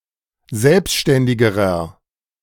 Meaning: inflection of selbständig: 1. strong/mixed nominative masculine singular comparative degree 2. strong genitive/dative feminine singular comparative degree 3. strong genitive plural comparative degree
- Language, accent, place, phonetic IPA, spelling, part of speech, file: German, Germany, Berlin, [ˈzɛlpʃtɛndɪɡəʁɐ], selbständigerer, adjective, De-selbständigerer.ogg